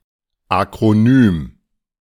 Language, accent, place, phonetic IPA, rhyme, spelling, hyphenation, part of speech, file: German, Germany, Berlin, [ˌak.ʁoˈnyːm], -yːm, Akronym, Ak‧ro‧nym, noun, De-Akronym.ogg
- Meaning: acronym (a word formed by initial letters)